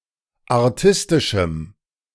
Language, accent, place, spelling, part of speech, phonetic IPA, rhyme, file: German, Germany, Berlin, artistischem, adjective, [aʁˈtɪstɪʃm̩], -ɪstɪʃm̩, De-artistischem.ogg
- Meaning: strong dative masculine/neuter singular of artistisch